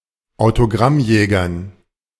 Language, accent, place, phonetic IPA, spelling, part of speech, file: German, Germany, Berlin, [aʊ̯toˈɡʁamˌjɛːɡɐn], Autogrammjägern, noun, De-Autogrammjägern.ogg
- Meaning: dative plural of Autogrammjäger